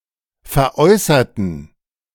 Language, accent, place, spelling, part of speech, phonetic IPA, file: German, Germany, Berlin, veräußerten, adjective / verb, [fɛɐ̯ˈʔɔɪ̯sɐtn̩], De-veräußerten.ogg
- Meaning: inflection of veräußern: 1. first/third-person plural preterite 2. first/third-person plural subjunctive II